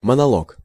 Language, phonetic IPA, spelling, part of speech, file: Russian, [mənɐˈɫok], монолог, noun, Ru-монолог.ogg
- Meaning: monologue/monolog